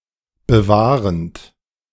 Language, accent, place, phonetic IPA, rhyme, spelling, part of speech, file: German, Germany, Berlin, [bəˈvaːʁənt], -aːʁənt, bewahrend, verb, De-bewahrend.ogg
- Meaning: present participle of bewahren